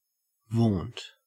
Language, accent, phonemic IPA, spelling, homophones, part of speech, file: English, Australia, /voːnt/, vaunt, want, verb / noun, En-au-vaunt.ogg
- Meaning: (verb) 1. To speak boastfully 2. To speak boastfully about 3. To boast of; to make a vain display of; to display with ostentation; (noun) 1. An instance of vaunting; a boast 2. The first part